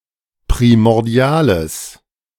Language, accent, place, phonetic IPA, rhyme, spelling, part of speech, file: German, Germany, Berlin, [pʁimɔʁˈdi̯aːləs], -aːləs, primordiales, adjective, De-primordiales.ogg
- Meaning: strong/mixed nominative/accusative neuter singular of primordial